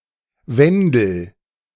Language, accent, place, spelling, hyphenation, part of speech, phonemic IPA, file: German, Germany, Berlin, Wendel, Wen‧del, noun / proper noun, /ˈvɛndl̩/, De-Wendel.ogg
- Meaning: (noun) 1. coil, spiral, helix 2. bookmark; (proper noun) a male given name, variant of Wendelin